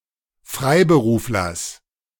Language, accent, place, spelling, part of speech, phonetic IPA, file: German, Germany, Berlin, Freiberuflers, noun, [ˈfʁaɪ̯bəˌʁuːflɐs], De-Freiberuflers.ogg
- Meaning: genitive of Freiberufler